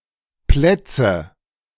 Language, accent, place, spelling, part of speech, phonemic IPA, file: German, Germany, Berlin, Plätze, noun, /ˈplɛtsə/, De-Plätze.ogg
- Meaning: nominative/accusative/genitive plural of Platz